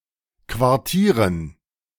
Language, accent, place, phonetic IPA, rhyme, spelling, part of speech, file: German, Germany, Berlin, [kvaʁˈtiːʁən], -iːʁən, Quartieren, noun, De-Quartieren.ogg
- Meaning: dative plural of Quartier